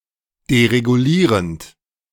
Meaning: present participle of deregulieren
- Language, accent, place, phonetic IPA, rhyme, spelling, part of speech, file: German, Germany, Berlin, [deʁeɡuˈliːʁənt], -iːʁənt, deregulierend, verb, De-deregulierend.ogg